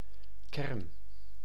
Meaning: 1. nucleus, physical core 2. nucleus (of an atom) 3. nuclear - 4. core (of the Earth, or any other celestial body) 5. the essence, core, crux of something 6. kernel (of a function)
- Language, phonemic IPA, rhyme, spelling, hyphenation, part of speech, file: Dutch, /kɛrn/, -ɛrn, kern, kern, noun, Nl-kern.ogg